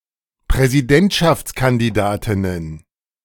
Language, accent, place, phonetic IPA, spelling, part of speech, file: German, Germany, Berlin, [pʁɛziˈdɛntʃaft͡skandiˌdaːtɪnən], Präsidentschaftskandidatinnen, noun, De-Präsidentschaftskandidatinnen.ogg
- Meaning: plural of Präsidentschaftskandidatin